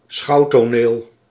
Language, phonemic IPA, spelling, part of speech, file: Dutch, /ˈsxɑuwtoˌnel/, schouwtoneel, noun, Nl-schouwtoneel.ogg
- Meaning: 1. a theatrical scenery, the site of a spectacle 2. a scene, spectacle, a theatrical show or other sight worth watching